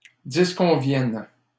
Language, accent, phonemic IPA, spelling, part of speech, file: French, Canada, /dis.kɔ̃.vjɛn/, disconviennent, verb, LL-Q150 (fra)-disconviennent.wav
- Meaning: third-person plural present indicative/subjunctive of disconvenir